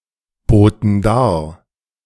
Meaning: first/third-person plural preterite of darbieten
- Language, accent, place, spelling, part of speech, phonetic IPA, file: German, Germany, Berlin, boten dar, verb, [ˌboːtn̩ ˈdaːɐ̯], De-boten dar.ogg